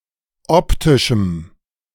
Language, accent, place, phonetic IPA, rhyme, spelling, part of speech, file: German, Germany, Berlin, [ˈɔptɪʃm̩], -ɔptɪʃm̩, optischem, adjective, De-optischem.ogg
- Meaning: strong dative masculine/neuter singular of optisch